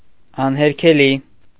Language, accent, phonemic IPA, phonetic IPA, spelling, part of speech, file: Armenian, Eastern Armenian, /ɑnheɾkʰeˈli/, [ɑnheɾkʰelí], անհերքելի, adjective, Hy-անհերքելի .ogg
- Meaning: irrefutable; undeniable, indisputable, incontestable